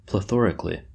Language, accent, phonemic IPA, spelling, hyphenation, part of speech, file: English, US, /pləˈθɔɹək(ə)li/, plethorically, ple‧tho‧ric‧al‧ly, adverb, En-us-plethorically.oga
- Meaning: In a plethoric manner: excessively, overabundantly